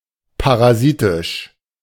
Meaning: parasitic
- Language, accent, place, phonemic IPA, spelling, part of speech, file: German, Germany, Berlin, /paʁaˈziːtɪʃ/, parasitisch, adjective, De-parasitisch.ogg